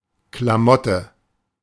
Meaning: 1. clothes, outfit, wardrobe, gear 2. a piece of junk, useless stuff 3. lowbrow film or play 4. piece of brick; broken brick
- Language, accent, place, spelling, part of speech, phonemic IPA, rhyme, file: German, Germany, Berlin, Klamotte, noun, /klaˈmɔtə/, -ɔtə, De-Klamotte.ogg